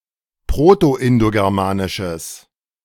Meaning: strong/mixed nominative/accusative neuter singular of proto-indogermanisch
- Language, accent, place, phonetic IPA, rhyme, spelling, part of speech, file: German, Germany, Berlin, [ˌpʁotoʔɪndoɡɛʁˈmaːnɪʃəs], -aːnɪʃəs, proto-indogermanisches, adjective, De-proto-indogermanisches.ogg